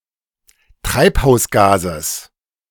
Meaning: genitive singular of Treibhausgas
- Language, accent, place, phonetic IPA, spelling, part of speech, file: German, Germany, Berlin, [ˈtʁaɪ̯phaʊ̯sˌɡaːzəs], Treibhausgases, noun, De-Treibhausgases.ogg